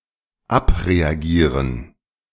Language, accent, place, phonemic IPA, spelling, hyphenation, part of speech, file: German, Germany, Berlin, /ˈapʁeaˌɡiːʁən/, abreagieren, ab‧re‧agie‧ren, verb, De-abreagieren.ogg
- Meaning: 1. to work off (e.g. one's emotions, one's stress) 2. to abreact 3. to let off steam